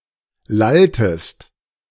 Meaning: inflection of lallen: 1. second-person singular preterite 2. second-person singular subjunctive II
- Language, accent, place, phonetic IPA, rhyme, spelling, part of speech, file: German, Germany, Berlin, [ˈlaltəst], -altəst, lalltest, verb, De-lalltest.ogg